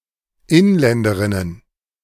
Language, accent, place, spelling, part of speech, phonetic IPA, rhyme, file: German, Germany, Berlin, Inländerinnen, noun, [ˈɪnˌlɛndəʁɪnən], -ɪnlɛndəʁɪnən, De-Inländerinnen.ogg
- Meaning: genitive singular of Inländerin